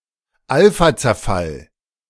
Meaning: alpha decay
- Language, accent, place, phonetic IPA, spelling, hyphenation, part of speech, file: German, Germany, Berlin, [ˈalfat͡sɛɐ̯ˌfal], Alphazerfall, Al‧pha‧zer‧fall, noun, De-Alphazerfall.ogg